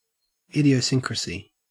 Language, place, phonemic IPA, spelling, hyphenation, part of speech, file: English, Queensland, /ˌɪdiəˈsɪŋkɹəsi/, idiosyncrasy, idio‧syn‧crasy, noun, En-au-idiosyncrasy.ogg
- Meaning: 1. A behavior or way of thinking that is characteristic of a person or a group 2. A peculiar individual reaction to a generally innocuous substance or factor; a risk factor